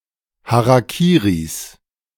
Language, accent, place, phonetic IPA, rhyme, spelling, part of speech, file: German, Germany, Berlin, [ˌhaʁaˈkiːʁis], -iːʁis, Harakiris, noun, De-Harakiris.ogg
- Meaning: plural of Harakiri